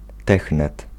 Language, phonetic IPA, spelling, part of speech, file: Polish, [ˈtɛxnɛt], technet, noun, Pl-technet.ogg